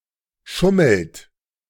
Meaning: inflection of schummeln: 1. third-person singular present 2. second-person plural present 3. plural imperative
- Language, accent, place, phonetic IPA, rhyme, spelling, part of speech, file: German, Germany, Berlin, [ˈʃʊml̩t], -ʊml̩t, schummelt, verb, De-schummelt.ogg